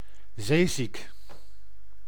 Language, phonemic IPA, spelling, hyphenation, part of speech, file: Dutch, /ˈzeː.zik/, zeeziek, zee‧ziek, adjective, Nl-zeeziek.ogg
- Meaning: seasick